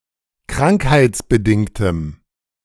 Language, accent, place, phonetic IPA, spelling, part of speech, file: German, Germany, Berlin, [ˈkʁaŋkhaɪ̯t͡sbəˌdɪŋtəm], krankheitsbedingtem, adjective, De-krankheitsbedingtem.ogg
- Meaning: strong dative masculine/neuter singular of krankheitsbedingt